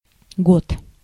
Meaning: year
- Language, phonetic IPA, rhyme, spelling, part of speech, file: Russian, [ɡot], -ot, год, noun, Ru-год.ogg